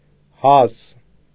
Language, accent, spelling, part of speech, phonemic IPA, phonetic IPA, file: Armenian, Eastern Armenian, հազ, noun, /hɑz/, [hɑz], Hy-հազ.ogg
- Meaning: 1. cough 2. pleasure, delight, enjoyment